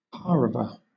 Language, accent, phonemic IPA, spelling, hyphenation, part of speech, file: English, Southern England, /ˈpɑː.ɹə.və/, pareve, pa‧re‧ve, adjective, LL-Q1860 (eng)-pareve.wav
- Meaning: 1. Of food: that has no meat or milk in any form as an ingredient 2. Neutral, bland, inoffensive